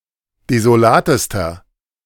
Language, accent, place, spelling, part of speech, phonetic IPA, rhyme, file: German, Germany, Berlin, desolatester, adjective, [dezoˈlaːtəstɐ], -aːtəstɐ, De-desolatester.ogg
- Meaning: inflection of desolat: 1. strong/mixed nominative masculine singular superlative degree 2. strong genitive/dative feminine singular superlative degree 3. strong genitive plural superlative degree